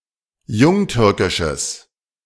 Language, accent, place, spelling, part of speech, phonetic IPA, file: German, Germany, Berlin, jungtürkisches, adjective, [ˈjʊŋˌtʏʁkɪʃəs], De-jungtürkisches.ogg
- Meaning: strong/mixed nominative/accusative neuter singular of jungtürkisch